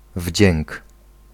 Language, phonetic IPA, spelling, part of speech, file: Polish, [vʲd͡ʑɛ̃ŋk], wdzięk, noun, Pl-wdzięk.ogg